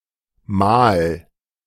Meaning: 1. meal, repast 2. a public assembly or council, especially for judicial purposes
- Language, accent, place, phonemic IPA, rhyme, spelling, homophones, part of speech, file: German, Germany, Berlin, /maːl/, -aːl, Mahl, Mal / mal / mahl, noun, De-Mahl.ogg